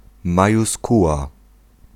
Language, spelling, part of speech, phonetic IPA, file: Polish, majuskuła, noun, [ˌmajuˈskuwa], Pl-majuskuła.ogg